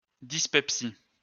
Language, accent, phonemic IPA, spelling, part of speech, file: French, France, /dis.pɛp.si/, dyspepsie, noun, LL-Q150 (fra)-dyspepsie.wav
- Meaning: dyspepsia